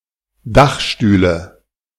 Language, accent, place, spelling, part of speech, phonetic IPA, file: German, Germany, Berlin, Dachstühle, noun, [ˈdaxʃtyːlə], De-Dachstühle.ogg
- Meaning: nominative/accusative/genitive plural of Dachstuhl